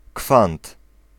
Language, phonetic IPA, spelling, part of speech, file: Polish, [kfãnt], kwant, noun, Pl-kwant.ogg